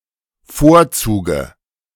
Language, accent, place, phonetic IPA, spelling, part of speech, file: German, Germany, Berlin, [ˈfoːɐ̯ˌt͡suːɡə], Vorzuge, noun, De-Vorzuge.ogg
- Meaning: dative of Vorzug